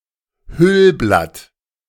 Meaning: involucre (Folium involucrale)
- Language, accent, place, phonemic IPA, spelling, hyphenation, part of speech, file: German, Germany, Berlin, /ˈhylˌblat/, Hüllblatt, Hüll‧blatt, noun, De-Hüllblatt.ogg